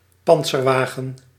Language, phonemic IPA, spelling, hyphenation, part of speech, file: Dutch, /ˈpɑnt.sərˌʋaː.ɣə(n)/, pantserwagen, pant‧ser‧wa‧gen, noun, Nl-pantserwagen.ogg
- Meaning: armoured car